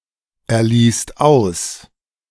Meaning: second/third-person singular present of auserlesen
- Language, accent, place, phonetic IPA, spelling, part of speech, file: German, Germany, Berlin, [ɛɐ̯ˌliːst ˈaʊ̯s], erliest aus, verb, De-erliest aus.ogg